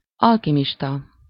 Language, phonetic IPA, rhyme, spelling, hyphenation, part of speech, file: Hungarian, [ˈɒlkimiʃtɒ], -tɒ, alkimista, al‧ki‧mis‧ta, noun, Hu-alkimista.ogg
- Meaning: alchemist (one who practices alchemy)